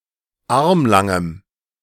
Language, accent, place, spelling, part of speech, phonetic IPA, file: German, Germany, Berlin, armlangem, adjective, [ˈaʁmlaŋəm], De-armlangem.ogg
- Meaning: strong dative masculine/neuter singular of armlang